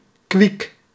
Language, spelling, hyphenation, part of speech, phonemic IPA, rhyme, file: Dutch, kwiek, kwiek, adjective, /kʋik/, -ik, Nl-kwiek.ogg
- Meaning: lively, quick